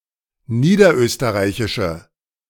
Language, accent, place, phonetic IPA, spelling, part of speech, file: German, Germany, Berlin, [ˈniːdɐˌʔøːstəʁaɪ̯çɪʃə], niederösterreichische, adjective, De-niederösterreichische.ogg
- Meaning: inflection of niederösterreichisch: 1. strong/mixed nominative/accusative feminine singular 2. strong nominative/accusative plural 3. weak nominative all-gender singular